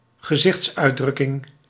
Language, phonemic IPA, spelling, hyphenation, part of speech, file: Dutch, /ɣəˈzɪxts.œy̯(t)ˌdrʏ.kɪŋ/, gezichtsuitdrukking, ge‧zichts‧uit‧druk‧king, noun, Nl-gezichtsuitdrukking.ogg
- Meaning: facial expression